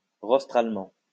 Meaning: rostrally
- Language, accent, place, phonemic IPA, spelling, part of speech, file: French, France, Lyon, /ʁɔs.tʁal.mɑ̃/, rostralement, adverb, LL-Q150 (fra)-rostralement.wav